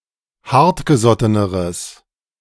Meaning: strong/mixed nominative/accusative neuter singular comparative degree of hartgesotten
- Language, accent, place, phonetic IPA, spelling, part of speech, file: German, Germany, Berlin, [ˈhaʁtɡəˌzɔtənəʁəs], hartgesotteneres, adjective, De-hartgesotteneres.ogg